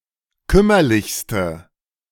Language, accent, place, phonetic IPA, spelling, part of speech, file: German, Germany, Berlin, [ˈkʏmɐlɪçstə], kümmerlichste, adjective, De-kümmerlichste.ogg
- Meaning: inflection of kümmerlich: 1. strong/mixed nominative/accusative feminine singular superlative degree 2. strong nominative/accusative plural superlative degree